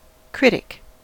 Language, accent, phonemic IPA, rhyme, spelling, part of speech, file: English, US, /ˈkɹɪt.ɪk/, -ɪtɪk, critic, noun / verb, En-us-critic.ogg
- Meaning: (noun) 1. A person who appraises the works of others 2. A specialist in judging works of art 3. One who criticizes; a person who finds fault 4. An opponent